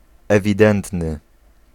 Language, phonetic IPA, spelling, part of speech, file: Polish, [ˌɛvʲiˈdɛ̃ntnɨ], ewidentny, adjective, Pl-ewidentny.ogg